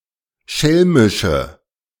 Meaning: inflection of schelmisch: 1. strong/mixed nominative/accusative feminine singular 2. strong nominative/accusative plural 3. weak nominative all-gender singular
- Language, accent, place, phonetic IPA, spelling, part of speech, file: German, Germany, Berlin, [ˈʃɛlmɪʃə], schelmische, adjective, De-schelmische.ogg